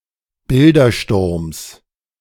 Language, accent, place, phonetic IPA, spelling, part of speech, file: German, Germany, Berlin, [ˈbɪldɐˌʃtʊʁms], Bildersturms, noun, De-Bildersturms.ogg
- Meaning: genitive of Bildersturm